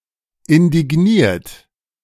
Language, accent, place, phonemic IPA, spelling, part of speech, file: German, Germany, Berlin, /ɪndɪɡˈniːɐ̯t/, indigniert, verb / adjective, De-indigniert.ogg
- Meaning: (verb) past participle of indignieren; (adjective) indignant